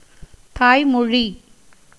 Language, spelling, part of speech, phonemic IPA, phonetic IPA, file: Tamil, தாய்மொழி, noun, /t̪ɑːjmoɻiː/, [t̪äːjmo̞ɻiː], Ta-தாய்மொழி.ogg
- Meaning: mother-tongue, first language